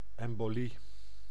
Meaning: embolism (obstruction or occlusion of a blood vessel by an embolus)
- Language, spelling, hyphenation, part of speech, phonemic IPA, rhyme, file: Dutch, embolie, em‧bo‧lie, noun, /ˌɛm.boːˈli/, -i, Nl-embolie.ogg